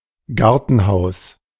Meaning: summer house, garden shed
- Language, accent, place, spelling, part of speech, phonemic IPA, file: German, Germany, Berlin, Gartenhaus, noun, /ˈɡaʁtənˌhaʊ̯s/, De-Gartenhaus.ogg